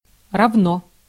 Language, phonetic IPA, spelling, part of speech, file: Russian, [rɐvˈno], равно, adverb / adjective, Ru-равно.ogg
- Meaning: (adverb) equally, as well, as well as; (adjective) 1. it is equal 2. short neuter singular of ра́вный (rávnyj)